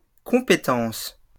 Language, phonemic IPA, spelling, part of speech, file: French, /kɔ̃.pe.tɑ̃s/, compétences, noun, LL-Q150 (fra)-compétences.wav
- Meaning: plural of compétence